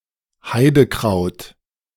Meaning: 1. heaths and heathers (any plant of the genus Erica) 2. common heather (any plant of the species Calluna vulgaris)
- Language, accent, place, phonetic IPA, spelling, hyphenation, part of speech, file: German, Germany, Berlin, [ˈhaɪ̯dəˌkʁaʊ̯t], Heidekraut, Hei‧de‧kraut, noun, De-Heidekraut.ogg